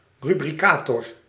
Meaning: rubricator (scribe who added texts and markings in red and sometimes another colour in manuscripts)
- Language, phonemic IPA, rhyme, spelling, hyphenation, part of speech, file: Dutch, /ˌry.briˈkaː.tɔr/, -aːtɔr, rubricator, ru‧bri‧ca‧tor, noun, Nl-rubricator.ogg